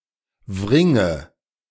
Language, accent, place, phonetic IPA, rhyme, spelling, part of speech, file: German, Germany, Berlin, [ˈvʁɪŋə], -ɪŋə, wringe, verb, De-wringe.ogg
- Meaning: inflection of wringen: 1. first-person singular present 2. first/third-person singular subjunctive I 3. singular imperative